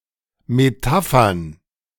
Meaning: plural of Metapher
- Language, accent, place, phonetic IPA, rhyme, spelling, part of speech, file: German, Germany, Berlin, [meˈtafɐn], -afɐn, Metaphern, noun, De-Metaphern.ogg